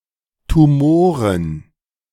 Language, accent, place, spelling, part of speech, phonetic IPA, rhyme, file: German, Germany, Berlin, Tumoren, noun, [tuˈmoːʁən], -oːʁən, De-Tumoren.ogg
- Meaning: plural of Tumor